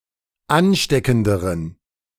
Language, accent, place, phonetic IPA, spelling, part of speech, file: German, Germany, Berlin, [ˈanˌʃtɛkn̩dəʁən], ansteckenderen, adjective, De-ansteckenderen.ogg
- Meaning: inflection of ansteckend: 1. strong genitive masculine/neuter singular comparative degree 2. weak/mixed genitive/dative all-gender singular comparative degree